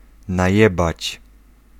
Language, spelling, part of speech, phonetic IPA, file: Polish, najebać, verb, [najˈɛbat͡ɕ], Pl-najebać.ogg